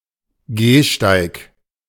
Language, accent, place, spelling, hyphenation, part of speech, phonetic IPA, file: German, Germany, Berlin, Gehsteig, Geh‧steig, noun, [ˈɡeːʃtaɪ̯k], De-Gehsteig.ogg
- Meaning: pavement (British), sidewalk (US)